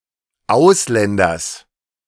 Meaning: genitive singular of Ausländer
- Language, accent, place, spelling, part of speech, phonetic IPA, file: German, Germany, Berlin, Ausländers, noun, [ˈaʊ̯sˌlɛndɐs], De-Ausländers.ogg